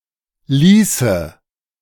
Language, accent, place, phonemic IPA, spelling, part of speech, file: German, Germany, Berlin, /ˈliːsə/, ließe, verb, De-ließe.ogg
- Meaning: first/third-person singular subjunctive II of lassen